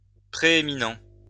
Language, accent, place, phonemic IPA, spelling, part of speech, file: French, France, Lyon, /pʁe.e.mi.nɑ̃/, prééminent, adjective, LL-Q150 (fra)-prééminent.wav
- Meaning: preeminent